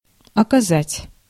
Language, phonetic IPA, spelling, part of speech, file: Russian, [ɐkɐˈzatʲ], оказать, verb, Ru-оказать.ogg
- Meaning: 1. to show, to render, to do, to provide (help, service, support, etc.) 2. to exert (influence) 3. to put, to exert (pressure) 4. to accord (respect) 5. to offer (resistance)